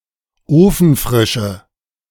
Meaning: inflection of ofenfrisch: 1. strong/mixed nominative/accusative feminine singular 2. strong nominative/accusative plural 3. weak nominative all-gender singular
- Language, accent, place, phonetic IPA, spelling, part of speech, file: German, Germany, Berlin, [ˈoːfn̩ˌfʁɪʃə], ofenfrische, adjective, De-ofenfrische.ogg